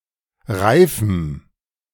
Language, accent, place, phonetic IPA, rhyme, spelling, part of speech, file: German, Germany, Berlin, [ˈʁaɪ̯fm̩], -aɪ̯fm̩, reifem, adjective, De-reifem.ogg
- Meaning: strong dative masculine/neuter singular of reif